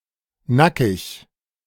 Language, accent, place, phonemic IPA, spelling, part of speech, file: German, Germany, Berlin, /ˈnakɪç/, nackig, adjective, De-nackig.ogg
- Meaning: naked, nude